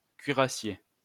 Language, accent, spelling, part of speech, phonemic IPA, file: French, France, cuirassier, noun, /kɥi.ʁa.sje/, LL-Q150 (fra)-cuirassier.wav
- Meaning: cuirassier